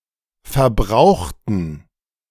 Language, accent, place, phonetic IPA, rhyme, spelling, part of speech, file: German, Germany, Berlin, [fɛɐ̯ˈbʁaʊ̯xtn̩], -aʊ̯xtn̩, verbrauchten, adjective / verb, De-verbrauchten.ogg
- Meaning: inflection of verbraucht: 1. strong genitive masculine/neuter singular 2. weak/mixed genitive/dative all-gender singular 3. strong/weak/mixed accusative masculine singular 4. strong dative plural